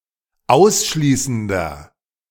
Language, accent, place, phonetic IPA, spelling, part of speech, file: German, Germany, Berlin, [ˈaʊ̯sˌʃliːsn̩dɐ], ausschließender, adjective, De-ausschließender.ogg
- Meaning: inflection of ausschließend: 1. strong/mixed nominative masculine singular 2. strong genitive/dative feminine singular 3. strong genitive plural